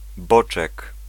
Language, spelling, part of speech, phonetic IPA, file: Polish, boczek, noun, [ˈbɔt͡ʃɛk], Pl-boczek.ogg